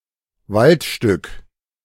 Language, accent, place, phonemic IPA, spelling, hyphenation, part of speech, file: German, Germany, Berlin, /ˈvaltˌʃtʏk/, Waldstück, Wald‧stück, noun, De-Waldstück.ogg
- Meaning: forested area